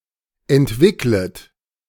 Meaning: second-person plural subjunctive I of entwickeln
- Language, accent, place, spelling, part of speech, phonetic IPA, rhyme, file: German, Germany, Berlin, entwicklet, verb, [ɛntˈvɪklət], -ɪklət, De-entwicklet.ogg